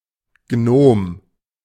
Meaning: gnome, goblin, dwarf
- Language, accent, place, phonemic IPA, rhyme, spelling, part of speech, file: German, Germany, Berlin, /ɡnoːm/, -oːm, Gnom, noun, De-Gnom.ogg